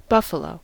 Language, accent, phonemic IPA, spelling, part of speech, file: English, US, /ˈbʌf.ə.loʊ/, buffalo, noun / verb, En-us-buffalo.ogg
- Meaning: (noun) An animal from the subtribe Bubalina, also known as true buffalos, such as the Cape buffalo, Syncerus caffer, or the water buffalo, Bubalus bubalis